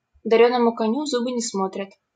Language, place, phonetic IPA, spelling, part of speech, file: Russian, Saint Petersburg, [dɐˈrʲɵnəmʊ kɐˈnʲu ˈv‿zubɨ nʲɪ‿ˈsmotrʲət], дарёному коню в зубы не смотрят, proverb, LL-Q7737 (rus)-дарёному коню в зубы не смотрят.wav
- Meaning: don't look a gift horse in the mouth